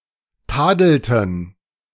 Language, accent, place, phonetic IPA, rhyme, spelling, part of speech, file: German, Germany, Berlin, [ˈtaːdl̩tn̩], -aːdl̩tn̩, tadelten, verb, De-tadelten.ogg
- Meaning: inflection of tadeln: 1. first/third-person plural preterite 2. first/third-person plural subjunctive II